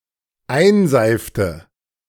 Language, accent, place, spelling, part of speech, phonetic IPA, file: German, Germany, Berlin, einseifte, verb, [ˈaɪ̯nˌzaɪ̯ftə], De-einseifte.ogg
- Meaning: inflection of einseifen: 1. first/third-person singular dependent preterite 2. first/third-person singular dependent subjunctive II